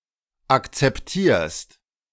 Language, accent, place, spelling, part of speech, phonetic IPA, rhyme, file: German, Germany, Berlin, akzeptierst, verb, [ˌakt͡sɛpˈtiːɐ̯st], -iːɐ̯st, De-akzeptierst.ogg
- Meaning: second-person singular present of akzeptieren